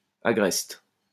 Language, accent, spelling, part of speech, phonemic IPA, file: French, France, agreste, adjective / noun, /a.ɡʁɛst/, LL-Q150 (fra)-agreste.wav
- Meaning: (adjective) rustic; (noun) grayling (butterfly)